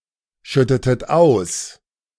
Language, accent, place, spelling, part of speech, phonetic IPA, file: German, Germany, Berlin, schüttetet aus, verb, [ˌʃʏtətət ˈaʊ̯s], De-schüttetet aus.ogg
- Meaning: inflection of ausschütten: 1. second-person plural preterite 2. second-person plural subjunctive II